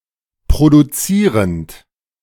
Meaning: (verb) present participle of produzieren; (adjective) 1. producing 2. productive 3. secreting
- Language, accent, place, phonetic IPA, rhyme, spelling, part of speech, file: German, Germany, Berlin, [pʁoduˈt͡siːʁənt], -iːʁənt, produzierend, verb, De-produzierend.ogg